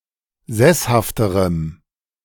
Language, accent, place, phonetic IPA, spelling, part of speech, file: German, Germany, Berlin, [ˈzɛshaftəʁəm], sesshafterem, adjective, De-sesshafterem.ogg
- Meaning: strong dative masculine/neuter singular comparative degree of sesshaft